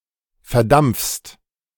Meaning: second-person singular present of verdampfen
- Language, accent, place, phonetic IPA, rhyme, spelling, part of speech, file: German, Germany, Berlin, [fɛɐ̯ˈdamp͡fst], -amp͡fst, verdampfst, verb, De-verdampfst.ogg